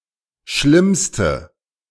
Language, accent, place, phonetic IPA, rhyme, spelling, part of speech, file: German, Germany, Berlin, [ˈʃlɪmstə], -ɪmstə, schlimmste, adjective, De-schlimmste.ogg
- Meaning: inflection of schlimm: 1. strong/mixed nominative/accusative feminine singular superlative degree 2. strong nominative/accusative plural superlative degree